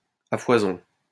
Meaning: in plenty, aplenty, galore, abundantly, in abundance
- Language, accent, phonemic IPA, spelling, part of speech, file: French, France, /a fwa.zɔ̃/, à foison, adverb, LL-Q150 (fra)-à foison.wav